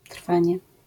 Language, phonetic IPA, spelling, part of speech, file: Polish, [ˈtr̥fãɲɛ], trwanie, noun, LL-Q809 (pol)-trwanie.wav